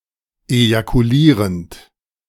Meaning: present participle of ejakulieren
- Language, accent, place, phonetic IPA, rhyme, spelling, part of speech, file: German, Germany, Berlin, [ejakuˈliːʁənt], -iːʁənt, ejakulierend, verb, De-ejakulierend.ogg